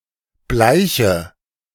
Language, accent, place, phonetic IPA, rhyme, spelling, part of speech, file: German, Germany, Berlin, [ˈblaɪ̯çə], -aɪ̯çə, bleiche, adjective / verb, De-bleiche.ogg
- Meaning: inflection of bleichen: 1. first-person singular present 2. first/third-person singular subjunctive I 3. singular imperative